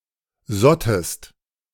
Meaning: second-person singular preterite of sieden
- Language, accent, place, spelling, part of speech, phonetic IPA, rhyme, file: German, Germany, Berlin, sottest, verb, [ˈzɔtəst], -ɔtəst, De-sottest.ogg